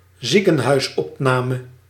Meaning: admission to a hospital; hospitalization
- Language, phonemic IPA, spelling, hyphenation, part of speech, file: Dutch, /ˈzi.kə(n).ɦœy̯sˌɔp.naː.mə/, ziekenhuisopname, zie‧ken‧huis‧op‧na‧me, noun, Nl-ziekenhuisopname.ogg